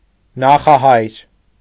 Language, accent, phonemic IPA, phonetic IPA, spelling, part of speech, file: Armenian, Eastern Armenian, /nɑχɑˈhɑjɾ/, [nɑχɑhɑ́jɾ], նախահայր, noun, Hy-նախահայր.ogg
- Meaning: patriarch, ancestor, forefather